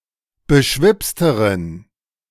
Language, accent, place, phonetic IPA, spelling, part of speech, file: German, Germany, Berlin, [bəˈʃvɪpstəʁən], beschwipsteren, adjective, De-beschwipsteren.ogg
- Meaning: inflection of beschwipst: 1. strong genitive masculine/neuter singular comparative degree 2. weak/mixed genitive/dative all-gender singular comparative degree